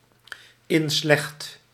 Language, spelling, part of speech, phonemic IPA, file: Dutch, inslecht, adjective, /ˈɪnslɛχt/, Nl-inslecht.ogg
- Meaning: deeply evil in nature